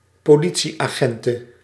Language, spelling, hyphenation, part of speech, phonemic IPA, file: Dutch, politieagente, po‧li‧tie‧agen‧te, noun, /poːˈli.(t)si.aːˌɣɛn.tə/, Nl-politieagente.ogg
- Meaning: female equivalent of politieagent